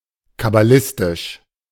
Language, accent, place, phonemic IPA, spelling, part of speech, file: German, Germany, Berlin, /kabaˈlɪstɪʃ/, kabbalistisch, adjective, De-kabbalistisch.ogg
- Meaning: kabbalistic